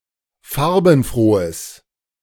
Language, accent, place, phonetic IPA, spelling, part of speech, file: German, Germany, Berlin, [ˈfaʁbn̩ˌfʁoːəs], farbenfrohes, adjective, De-farbenfrohes.ogg
- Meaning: strong/mixed nominative/accusative neuter singular of farbenfroh